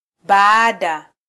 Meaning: after (later than)
- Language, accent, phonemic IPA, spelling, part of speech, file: Swahili, Kenya, /ˈɓɑː.ɗɑ/, baada, preposition, Sw-ke-baada.flac